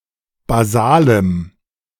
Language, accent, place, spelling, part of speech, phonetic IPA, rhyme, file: German, Germany, Berlin, basalem, adjective, [baˈzaːləm], -aːləm, De-basalem.ogg
- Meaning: strong dative masculine/neuter singular of basal